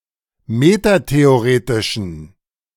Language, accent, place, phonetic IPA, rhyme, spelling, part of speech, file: German, Germany, Berlin, [ˌmetateoˈʁeːtɪʃn̩], -eːtɪʃn̩, metatheoretischen, adjective, De-metatheoretischen.ogg
- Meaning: inflection of metatheoretisch: 1. strong genitive masculine/neuter singular 2. weak/mixed genitive/dative all-gender singular 3. strong/weak/mixed accusative masculine singular 4. strong dative plural